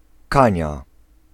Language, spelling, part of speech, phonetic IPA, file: Polish, kania, noun, [ˈkãɲa], Pl-kania.ogg